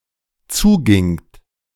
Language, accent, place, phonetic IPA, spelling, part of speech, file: German, Germany, Berlin, [ˈt͡suːˌɡɪŋt], zugingt, verb, De-zugingt.ogg
- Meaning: second-person plural dependent preterite of zugehen